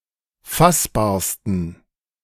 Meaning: 1. superlative degree of fassbar 2. inflection of fassbar: strong genitive masculine/neuter singular superlative degree
- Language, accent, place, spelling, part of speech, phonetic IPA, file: German, Germany, Berlin, fassbarsten, adjective, [ˈfasbaːɐ̯stn̩], De-fassbarsten.ogg